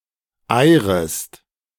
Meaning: second-person singular subjunctive I of eiern
- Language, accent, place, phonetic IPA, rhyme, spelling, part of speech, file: German, Germany, Berlin, [ˈaɪ̯ʁəst], -aɪ̯ʁəst, eirest, verb, De-eirest.ogg